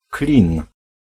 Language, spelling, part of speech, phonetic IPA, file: Polish, klin, noun, [klʲĩn], Pl-klin.ogg